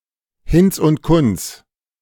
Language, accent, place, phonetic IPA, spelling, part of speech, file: German, Germany, Berlin, [ˈhɪnt͡s ʊnt ˈkʊnt͡s], Hinz und Kunz, noun, De-Hinz und Kunz.ogg
- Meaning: Tom, Dick and Harry